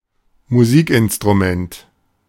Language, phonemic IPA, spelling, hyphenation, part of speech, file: German, /muˈziːkʔɪnstʁuˌmɛnt/, Musikinstrument, Mu‧sik‧in‧s‧t‧ru‧ment, noun, De-Musikinstrument.oga
- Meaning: musical instrument